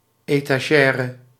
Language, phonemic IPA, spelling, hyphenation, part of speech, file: Dutch, /eː.taːˈʒɛː.rə/, etagère, eta‧gè‧re, noun, Nl-etagère.ogg
- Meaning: 1. etagere (piece of furniture with shelves for display) 2. etagere (piece of serving tableware consisting of multiple vertically arranged plateaus)